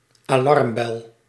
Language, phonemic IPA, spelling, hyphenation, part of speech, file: Dutch, /aːˈlɑrmˌbɛl/, alarmbel, alarm‧bel, noun, Nl-alarmbel.ogg
- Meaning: alarm bell